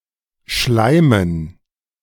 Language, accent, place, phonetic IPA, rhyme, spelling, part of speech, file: German, Germany, Berlin, [ˈʃlaɪ̯mən], -aɪ̯mən, Schleimen, noun, De-Schleimen.ogg
- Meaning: dative plural of Schleim